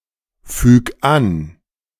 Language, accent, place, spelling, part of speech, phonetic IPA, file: German, Germany, Berlin, füg an, verb, [ˌfyːk ˈan], De-füg an.ogg
- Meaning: 1. singular imperative of anfügen 2. first-person singular present of anfügen